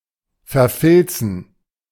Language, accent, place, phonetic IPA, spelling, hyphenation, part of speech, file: German, Germany, Berlin, [fɛɐ̯ˈfɪlt͡sən], verfilzen, ver‧fil‧zen, verb, De-verfilzen.ogg
- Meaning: to become felted